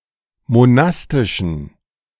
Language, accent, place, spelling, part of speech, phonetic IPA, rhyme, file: German, Germany, Berlin, monastischen, adjective, [moˈnastɪʃn̩], -astɪʃn̩, De-monastischen.ogg
- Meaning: inflection of monastisch: 1. strong genitive masculine/neuter singular 2. weak/mixed genitive/dative all-gender singular 3. strong/weak/mixed accusative masculine singular 4. strong dative plural